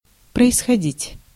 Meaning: 1. to take place, to happen, to occur 2. to derive, to be descended, to descend, to originate 3. to spring, to arise, to result, to take place
- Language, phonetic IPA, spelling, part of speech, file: Russian, [prəɪsxɐˈdʲitʲ], происходить, verb, Ru-происходить.ogg